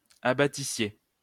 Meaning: second-person plural imperfect subjunctive of abattre
- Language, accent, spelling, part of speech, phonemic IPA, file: French, France, abattissiez, verb, /a.ba.ti.sje/, LL-Q150 (fra)-abattissiez.wav